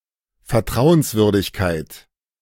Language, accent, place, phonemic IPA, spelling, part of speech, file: German, Germany, Berlin, /fɛɐ̯ˈtʁaʊ̯ənsˌvʏʁdɪçkaɪ̯t/, Vertrauenswürdigkeit, noun, De-Vertrauenswürdigkeit.ogg
- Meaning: trustworthiness, trustability, reliability